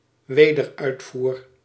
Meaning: reexport
- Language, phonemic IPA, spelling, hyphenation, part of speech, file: Dutch, /ˈʋeː.dərˌœy̯t.fuːr/, wederuitvoer, we‧der‧uit‧voer, noun, Nl-wederuitvoer.ogg